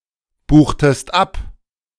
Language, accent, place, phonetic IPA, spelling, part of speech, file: German, Germany, Berlin, [ˌbuːxtəst ˈap], buchtest ab, verb, De-buchtest ab.ogg
- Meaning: inflection of abbuchen: 1. second-person singular preterite 2. second-person singular subjunctive II